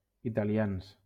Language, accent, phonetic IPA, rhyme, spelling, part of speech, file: Catalan, Valencia, [i.ta.liˈans], -ans, italians, adjective / noun, LL-Q7026 (cat)-italians.wav
- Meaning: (adjective) masculine plural of italià